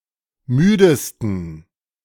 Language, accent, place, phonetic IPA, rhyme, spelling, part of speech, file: German, Germany, Berlin, [ˈmyːdəstn̩], -yːdəstn̩, müdesten, adjective, De-müdesten.ogg
- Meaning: 1. superlative degree of müde 2. inflection of müde: strong genitive masculine/neuter singular superlative degree